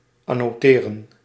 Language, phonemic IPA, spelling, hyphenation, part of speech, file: Dutch, /ɑnoːˈteːrə(n)/, annoteren, an‧no‧te‧ren, verb, Nl-annoteren.ogg
- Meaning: to annotate